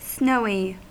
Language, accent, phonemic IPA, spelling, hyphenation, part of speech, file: English, US, /ˈsnoʊi/, snowy, snow‧y, adjective / noun, En-us-snowy.ogg
- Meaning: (adjective) 1. Marked by snow; characterized by snow 2. Covered with snow; snow-covered; besnowed 3. Snow-white in color; white as snow; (noun) 1. Synonym of snowy owl 2. Synonym of snowy egret